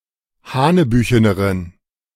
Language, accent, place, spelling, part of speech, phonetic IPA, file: German, Germany, Berlin, hanebücheneren, adjective, [ˈhaːnəˌbyːçənəʁən], De-hanebücheneren.ogg
- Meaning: inflection of hanebüchen: 1. strong genitive masculine/neuter singular comparative degree 2. weak/mixed genitive/dative all-gender singular comparative degree